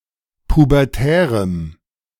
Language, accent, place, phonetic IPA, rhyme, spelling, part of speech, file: German, Germany, Berlin, [pubɛʁˈtɛːʁəm], -ɛːʁəm, pubertärem, adjective, De-pubertärem.ogg
- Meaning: strong dative masculine/neuter singular of pubertär